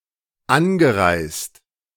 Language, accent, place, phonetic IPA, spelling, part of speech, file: German, Germany, Berlin, [ˈanɡəˌʁaɪ̯st], angereist, verb, De-angereist.ogg
- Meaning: past participle of anreisen